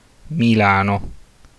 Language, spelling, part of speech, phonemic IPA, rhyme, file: Italian, Milano, proper noun, /miˈla.no/, -ano, It-Milano.ogg
- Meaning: Milan (a city and comune, the capital of the Metropolitan City of Milan and the region of Lombardy, Italy)